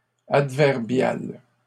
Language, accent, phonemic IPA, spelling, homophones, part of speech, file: French, Canada, /ad.vɛʁ.bjal/, adverbiale, adverbial / adverbiales, adjective, LL-Q150 (fra)-adverbiale.wav
- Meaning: feminine singular of adverbial